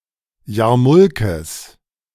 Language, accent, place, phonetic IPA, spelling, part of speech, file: German, Germany, Berlin, [ˈjaːɐ̯ˌmʊlkəs], Jarmulkes, noun, De-Jarmulkes.ogg
- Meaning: plural of Jarmulke